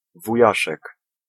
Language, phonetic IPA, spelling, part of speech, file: Polish, [vuˈjaʃɛk], wujaszek, noun, Pl-wujaszek.ogg